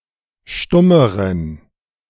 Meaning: inflection of stumm: 1. strong genitive masculine/neuter singular comparative degree 2. weak/mixed genitive/dative all-gender singular comparative degree
- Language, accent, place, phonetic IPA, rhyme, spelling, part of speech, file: German, Germany, Berlin, [ˈʃtʊməʁən], -ʊməʁən, stummeren, adjective, De-stummeren.ogg